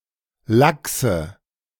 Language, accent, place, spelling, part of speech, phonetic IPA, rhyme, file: German, Germany, Berlin, laxe, adjective, [ˈlaksə], -aksə, De-laxe.ogg
- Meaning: inflection of lax: 1. strong/mixed nominative/accusative feminine singular 2. strong nominative/accusative plural 3. weak nominative all-gender singular 4. weak accusative feminine/neuter singular